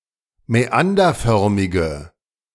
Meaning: inflection of mäanderförmig: 1. strong/mixed nominative/accusative feminine singular 2. strong nominative/accusative plural 3. weak nominative all-gender singular
- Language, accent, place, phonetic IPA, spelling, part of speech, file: German, Germany, Berlin, [mɛˈandɐˌfœʁmɪɡə], mäanderförmige, adjective, De-mäanderförmige.ogg